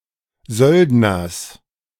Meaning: genitive singular of Söldner
- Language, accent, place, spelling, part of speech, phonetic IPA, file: German, Germany, Berlin, Söldners, noun, [ˈzœldnɐs], De-Söldners.ogg